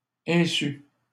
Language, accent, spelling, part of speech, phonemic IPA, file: French, Canada, insu, noun, /ɛ̃.sy/, LL-Q150 (fra)-insu.wav
- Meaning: ignorance